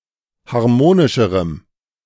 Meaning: strong dative masculine/neuter singular comparative degree of harmonisch
- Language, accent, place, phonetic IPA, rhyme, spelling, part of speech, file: German, Germany, Berlin, [haʁˈmoːnɪʃəʁəm], -oːnɪʃəʁəm, harmonischerem, adjective, De-harmonischerem.ogg